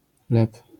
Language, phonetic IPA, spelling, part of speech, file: Polish, [lɛp], lep, noun / verb, LL-Q809 (pol)-lep.wav